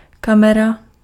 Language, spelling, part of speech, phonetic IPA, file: Czech, kamera, noun, [ˈkamɛra], Cs-kamera.ogg
- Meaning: camera (for moving pictures)